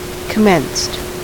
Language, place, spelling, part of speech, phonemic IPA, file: English, California, commenced, verb, /kəˈmɛnst/, En-us-commenced.ogg
- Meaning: simple past and past participle of commence